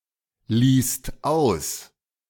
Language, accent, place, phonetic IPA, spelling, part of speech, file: German, Germany, Berlin, [ˌliːst ˈaʊ̯s], ließt aus, verb, De-ließt aus.ogg
- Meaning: second-person singular/plural preterite of auslassen